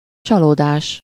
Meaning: 1. disappointment 2. illusion
- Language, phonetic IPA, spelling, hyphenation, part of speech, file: Hungarian, [ˈt͡ʃɒloːdaːʃ], csalódás, csa‧ló‧dás, noun, Hu-csalódás.ogg